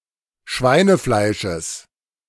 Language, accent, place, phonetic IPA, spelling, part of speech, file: German, Germany, Berlin, [ˈʃvaɪ̯nəˌflaɪ̯ʃəs], Schweinefleisches, noun, De-Schweinefleisches.ogg
- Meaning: genitive of Schweinefleisch